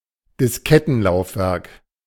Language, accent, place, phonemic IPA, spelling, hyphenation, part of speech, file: German, Germany, Berlin, /dɪsˈkɛtn̩ˌlaʊ̯fvɛʁk/, Diskettenlaufwerk, Dis‧ket‧ten‧lauf‧werk, noun, De-Diskettenlaufwerk.ogg
- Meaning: floppy disk drive